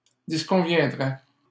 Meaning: third-person singular conditional of disconvenir
- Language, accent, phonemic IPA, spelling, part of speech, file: French, Canada, /dis.kɔ̃.vjɛ̃.dʁɛ/, disconviendrait, verb, LL-Q150 (fra)-disconviendrait.wav